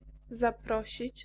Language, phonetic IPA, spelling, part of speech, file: Polish, [zaˈprɔɕit͡ɕ], zaprosić, verb, Pl-zaprosić.ogg